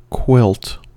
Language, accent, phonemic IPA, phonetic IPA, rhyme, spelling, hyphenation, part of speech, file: English, US, /ˈkwɪlt/, [ˈkʰwɪlt], -ɪlt, quilt, quilt, noun / verb, En-us-quilt.ogg
- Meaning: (noun) A bed covering consisting of two layers of fabric stitched together, with insulation between, often having a decorative design